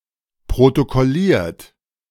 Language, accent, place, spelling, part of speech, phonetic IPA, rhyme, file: German, Germany, Berlin, protokolliert, verb, [pʁotokɔˈliːɐ̯t], -iːɐ̯t, De-protokolliert.ogg
- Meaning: 1. past participle of protokollieren 2. inflection of protokollieren: second-person plural present 3. inflection of protokollieren: third-person singular present